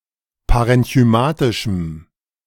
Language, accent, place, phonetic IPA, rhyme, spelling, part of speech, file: German, Germany, Berlin, [paʁɛnçyˈmaːtɪʃm̩], -aːtɪʃm̩, parenchymatischem, adjective, De-parenchymatischem.ogg
- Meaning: strong dative masculine/neuter singular of parenchymatisch